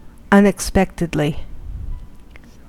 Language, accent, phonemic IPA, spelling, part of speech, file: English, US, /ʌnɪkˈspɛktɪdli/, unexpectedly, adverb, En-us-unexpectedly.ogg
- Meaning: In an unexpected manner